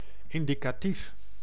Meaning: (adjective) indicative, approximative, roughly estimated; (noun) the indicative mood
- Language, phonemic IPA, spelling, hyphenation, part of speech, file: Dutch, /ɪndikaˈtif/, indicatief, in‧di‧ca‧tief, adjective / noun, Nl-indicatief.ogg